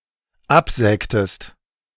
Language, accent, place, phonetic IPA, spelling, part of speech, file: German, Germany, Berlin, [ˈapˌzɛːktəst], absägtest, verb, De-absägtest.ogg
- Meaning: inflection of absägen: 1. second-person singular dependent preterite 2. second-person singular dependent subjunctive II